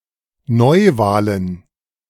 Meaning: plural of Neuwahl
- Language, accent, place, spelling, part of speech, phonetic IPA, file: German, Germany, Berlin, Neuwahlen, noun, [ˈnɔɪ̯ˌvaːlən], De-Neuwahlen.ogg